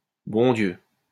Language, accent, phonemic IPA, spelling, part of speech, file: French, France, /bɔ̃ djø/, bon Dieu, interjection, LL-Q150 (fra)-bon Dieu.wav
- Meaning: good God, for God's sake, bloody hell, gosh